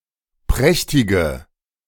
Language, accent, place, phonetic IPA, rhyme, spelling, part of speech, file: German, Germany, Berlin, [ˈpʁɛçtɪɡə], -ɛçtɪɡə, prächtige, adjective, De-prächtige.ogg
- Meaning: inflection of prächtig: 1. strong/mixed nominative/accusative feminine singular 2. strong nominative/accusative plural 3. weak nominative all-gender singular